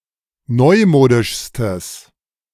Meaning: strong/mixed nominative/accusative neuter singular superlative degree of neumodisch
- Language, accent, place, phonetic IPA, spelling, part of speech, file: German, Germany, Berlin, [ˈnɔɪ̯ˌmoːdɪʃstəs], neumodischstes, adjective, De-neumodischstes.ogg